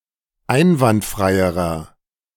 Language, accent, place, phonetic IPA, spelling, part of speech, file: German, Germany, Berlin, [ˈaɪ̯nvantˌfʁaɪ̯əʁɐ], einwandfreierer, adjective, De-einwandfreierer.ogg
- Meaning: inflection of einwandfrei: 1. strong/mixed nominative masculine singular comparative degree 2. strong genitive/dative feminine singular comparative degree 3. strong genitive plural comparative degree